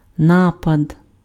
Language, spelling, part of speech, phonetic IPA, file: Ukrainian, напад, noun, [ˈnapɐd], Uk-напад.ogg
- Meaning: attack, assault